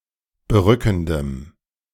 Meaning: strong dative masculine/neuter singular of berückend
- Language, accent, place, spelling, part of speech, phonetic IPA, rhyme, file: German, Germany, Berlin, berückendem, adjective, [bəˈʁʏkn̩dəm], -ʏkn̩dəm, De-berückendem.ogg